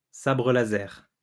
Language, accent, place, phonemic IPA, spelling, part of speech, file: French, France, Lyon, /sa.bʁə la.zɛʁ/, sabre laser, noun, LL-Q150 (fra)-sabre laser.wav
- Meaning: lightsaber (sword having a blade made of a powerful beam of light)